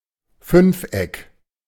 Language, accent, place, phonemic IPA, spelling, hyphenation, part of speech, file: German, Germany, Berlin, /ˈfʏnfˌʔɛk/, Fünfeck, Fünf‧eck, noun, De-Fünfeck.ogg
- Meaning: pentagon